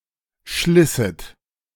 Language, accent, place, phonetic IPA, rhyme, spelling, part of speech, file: German, Germany, Berlin, [ˈʃlɪsət], -ɪsət, schlisset, verb, De-schlisset.ogg
- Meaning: second-person plural subjunctive II of schleißen